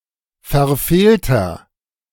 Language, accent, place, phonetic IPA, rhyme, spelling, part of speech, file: German, Germany, Berlin, [fɛɐ̯ˈfeːltɐ], -eːltɐ, verfehlter, adjective, De-verfehlter.ogg
- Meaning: inflection of verfehlt: 1. strong/mixed nominative masculine singular 2. strong genitive/dative feminine singular 3. strong genitive plural